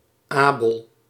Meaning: 1. Abel (Biblical character) 2. a male given name of biblical origin
- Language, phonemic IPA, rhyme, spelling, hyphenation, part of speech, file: Dutch, /ˈaː.bəl/, -aːbəl, Abel, Abel, proper noun, Nl-Abel.ogg